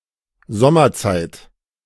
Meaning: 1. summertime (the season of summer) 2. summer time; daylight saving time
- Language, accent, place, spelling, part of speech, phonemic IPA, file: German, Germany, Berlin, Sommerzeit, noun, /ˈzɔmɐˌt͡saɪ̯t/, De-Sommerzeit.ogg